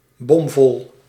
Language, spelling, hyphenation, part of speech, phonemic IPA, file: Dutch, bomvol, bom‧vol, adjective, /bɔmˈvɔl/, Nl-bomvol.ogg
- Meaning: completely full, abrim